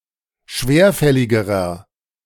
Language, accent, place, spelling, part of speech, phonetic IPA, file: German, Germany, Berlin, schwerfälligerer, adjective, [ˈʃveːɐ̯ˌfɛlɪɡəʁɐ], De-schwerfälligerer.ogg
- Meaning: inflection of schwerfällig: 1. strong/mixed nominative masculine singular comparative degree 2. strong genitive/dative feminine singular comparative degree 3. strong genitive plural comparative degree